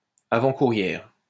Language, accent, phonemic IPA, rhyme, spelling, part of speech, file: French, France, /a.vɑ̃.ku.ʁjɛʁ/, -ɛʁ, avant-courrière, adjective, LL-Q150 (fra)-avant-courrière.wav
- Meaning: feminine singular of avant-coureur